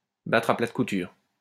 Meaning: alternative spelling of battre à plate couture
- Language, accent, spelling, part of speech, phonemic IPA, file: French, France, battre à plates coutures, verb, /batʁ a plat ku.tyʁ/, LL-Q150 (fra)-battre à plates coutures.wav